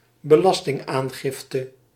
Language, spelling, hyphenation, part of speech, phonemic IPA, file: Dutch, belastingaangifte, be‧las‧ting‧aan‧gif‧te, noun, /bəˈlɑs.tɪŋˌaːn.ɣɪf.tə/, Nl-belastingaangifte.ogg
- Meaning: tax return, tax declaration